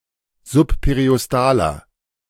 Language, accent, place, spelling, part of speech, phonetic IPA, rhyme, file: German, Germany, Berlin, subperiostaler, adjective, [zʊppeʁiʔɔsˈtaːlɐ], -aːlɐ, De-subperiostaler.ogg
- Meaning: inflection of subperiostal: 1. strong/mixed nominative masculine singular 2. strong genitive/dative feminine singular 3. strong genitive plural